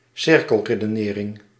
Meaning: circular argument, circular reasoning
- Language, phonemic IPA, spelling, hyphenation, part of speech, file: Dutch, /ˈsɪr.kəl.reː.dəˌneː.rɪŋ/, cirkelredenering, cir‧kel‧re‧de‧ne‧ring, noun, Nl-cirkelredenering.ogg